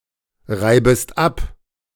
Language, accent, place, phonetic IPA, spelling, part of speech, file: German, Germany, Berlin, [ˌʁaɪ̯bəst ˈap], reibest ab, verb, De-reibest ab.ogg
- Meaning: second-person singular subjunctive I of abreiben